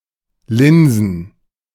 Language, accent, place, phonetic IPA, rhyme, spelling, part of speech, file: German, Germany, Berlin, [ˈlɪnzn̩], -ɪnzn̩, linsen, verb, De-linsen.ogg
- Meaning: to peek